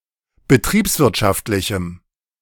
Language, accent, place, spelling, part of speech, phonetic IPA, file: German, Germany, Berlin, betriebswirtschaftlichem, adjective, [bəˈtʁiːpsˌvɪʁtʃaftlɪçm̩], De-betriebswirtschaftlichem.ogg
- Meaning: strong dative masculine/neuter singular of betriebswirtschaftlich